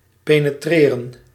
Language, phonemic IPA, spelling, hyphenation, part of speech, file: Dutch, /peː.nəˈtreː.rə(n)/, penetreren, pe‧ne‧tre‧ren, verb, Nl-penetreren.ogg
- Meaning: to penetrate